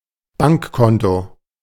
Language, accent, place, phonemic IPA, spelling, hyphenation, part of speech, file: German, Germany, Berlin, /ˈbaŋkˌkɔntoː/, Bankkonto, Bank‧kon‧to, noun, De-Bankkonto.ogg
- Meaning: bank account